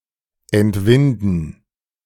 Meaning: to wrest
- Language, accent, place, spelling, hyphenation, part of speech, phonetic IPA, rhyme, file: German, Germany, Berlin, entwinden, ent‧win‧den, verb, [ɛntˈvɪndn̩], -ɪndn̩, De-entwinden.ogg